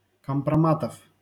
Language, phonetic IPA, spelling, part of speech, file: Russian, [kəmprɐˈmatəf], компроматов, noun, LL-Q7737 (rus)-компроматов.wav
- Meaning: genitive plural of компрома́т (kompromát)